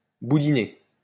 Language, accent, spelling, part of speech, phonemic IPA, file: French, France, boudiné, verb / adjective, /bu.di.ne/, LL-Q150 (fra)-boudiné.wav
- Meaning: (verb) past participle of boudiner; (adjective) podgy